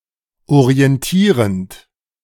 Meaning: present participle of orientieren
- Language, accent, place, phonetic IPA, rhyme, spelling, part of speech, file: German, Germany, Berlin, [oʁiɛnˈtiːʁənt], -iːʁənt, orientierend, verb, De-orientierend.ogg